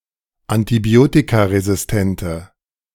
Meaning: inflection of antibiotikaresistent: 1. strong/mixed nominative/accusative feminine singular 2. strong nominative/accusative plural 3. weak nominative all-gender singular
- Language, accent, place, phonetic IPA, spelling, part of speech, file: German, Germany, Berlin, [antiˈbi̯oːtikaʁezɪsˌtɛntə], antibiotikaresistente, adjective, De-antibiotikaresistente.ogg